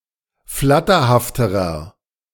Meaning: inflection of flatterhaft: 1. strong/mixed nominative masculine singular comparative degree 2. strong genitive/dative feminine singular comparative degree 3. strong genitive plural comparative degree
- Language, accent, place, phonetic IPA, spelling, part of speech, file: German, Germany, Berlin, [ˈflatɐhaftəʁɐ], flatterhafterer, adjective, De-flatterhafterer.ogg